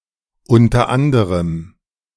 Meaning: among other things, inter alia, amongst others
- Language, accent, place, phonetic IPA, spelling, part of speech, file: German, Germany, Berlin, [ˈʊntɐ ˈandəʁəm], unter anderem, phrase, De-unter anderem.ogg